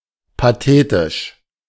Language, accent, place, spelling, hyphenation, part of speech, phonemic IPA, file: German, Germany, Berlin, pathetisch, pa‧the‧tisch, adjective, /paˈteːtɪʃ/, De-pathetisch.ogg
- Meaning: histrionic; gushing; pompous; grandiose (excessively emotional, dramatic, or solemn)